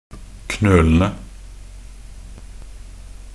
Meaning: definite plural of knøl
- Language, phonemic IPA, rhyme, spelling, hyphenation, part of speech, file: Norwegian Bokmål, /knøːlənə/, -ənə, knølene, knø‧le‧ne, noun, Nb-knølene.ogg